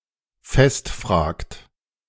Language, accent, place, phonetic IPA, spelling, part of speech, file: German, Germany, Berlin, [ˈfɛstˌfr̺aːkt], festfragt, verb, De-festfragt.ogg
- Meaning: inflection of festfragen: 1. second-person plural present 2. third-person singular present 3. plural imperative